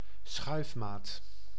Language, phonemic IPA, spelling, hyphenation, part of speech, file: Dutch, /ˈsxœy̯f.maːt/, schuifmaat, schuif‧maat, noun, Nl-schuifmaat.ogg
- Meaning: vernier caliper, vernier scale